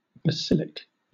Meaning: 1. royal; kingly 2. basilican 3. Relating to certain parts, anciently supposed to have a specially important function in the animal economy, such as the basilic vein
- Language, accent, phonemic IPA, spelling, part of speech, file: English, Southern England, /bəˈsɪlɪk/, basilic, adjective, LL-Q1860 (eng)-basilic.wav